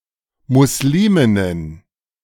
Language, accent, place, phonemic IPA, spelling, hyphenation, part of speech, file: German, Germany, Berlin, /musˈlimɪnən/, Musliminnen, Mus‧li‧min‧nen, noun, De-Musliminnen.ogg
- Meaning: 1. genitive singular of Muslimin 2. plural of Muslimin